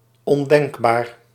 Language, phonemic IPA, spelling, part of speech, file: Dutch, /ɔnˈdɛŋɡbar/, ondenkbaar, adjective, Nl-ondenkbaar.ogg
- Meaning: unthinkable